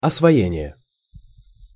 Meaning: 1. mastering 2. disbursement
- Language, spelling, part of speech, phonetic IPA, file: Russian, освоение, noun, [ɐsvɐˈjenʲɪje], Ru-освоение.ogg